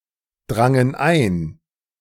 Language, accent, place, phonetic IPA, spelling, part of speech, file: German, Germany, Berlin, [ˌdʁaŋən ˈaɪ̯n], drangen ein, verb, De-drangen ein.ogg
- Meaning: first/third-person plural preterite of eindringen